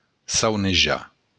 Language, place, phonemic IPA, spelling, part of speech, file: Occitan, Béarn, /sawneˈʒa/, saunejar, verb, LL-Q14185 (oci)-saunejar.wav
- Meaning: to dream (see mental images during sleep)